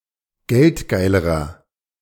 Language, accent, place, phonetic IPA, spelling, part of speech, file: German, Germany, Berlin, [ˈɡɛltˌɡaɪ̯ləʁɐ], geldgeilerer, adjective, De-geldgeilerer.ogg
- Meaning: inflection of geldgeil: 1. strong/mixed nominative masculine singular comparative degree 2. strong genitive/dative feminine singular comparative degree 3. strong genitive plural comparative degree